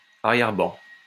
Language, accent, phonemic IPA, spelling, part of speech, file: French, France, /a.ʁjɛʁ.bɑ̃/, arrière-ban, noun, LL-Q150 (fra)-arrière-ban.wav
- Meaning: an assembly of feudal lords